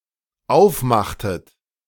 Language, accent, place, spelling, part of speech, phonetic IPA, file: German, Germany, Berlin, aufmachtet, verb, [ˈaʊ̯fˌmaxtət], De-aufmachtet.ogg
- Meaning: inflection of aufmachen: 1. second-person plural dependent preterite 2. second-person plural dependent subjunctive II